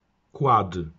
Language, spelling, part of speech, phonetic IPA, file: Polish, quad, noun, [kwɔt], Pl-quad.ogg